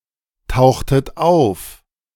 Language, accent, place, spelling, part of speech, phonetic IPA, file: German, Germany, Berlin, tauchtet auf, verb, [ˌtaʊ̯xtət ˈaʊ̯f], De-tauchtet auf.ogg
- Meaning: inflection of auftauchen: 1. second-person plural preterite 2. second-person plural subjunctive II